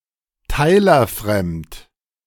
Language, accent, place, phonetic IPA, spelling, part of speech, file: German, Germany, Berlin, [ˈtaɪ̯lɐˌfʁɛmt], teilerfremd, adjective, De-teilerfremd.ogg
- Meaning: coprime (having no positive integer factors in common, aside from 1)